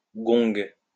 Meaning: gong
- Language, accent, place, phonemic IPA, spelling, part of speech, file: French, France, Lyon, /ɡɔ̃ɡ/, gong, noun, LL-Q150 (fra)-gong.wav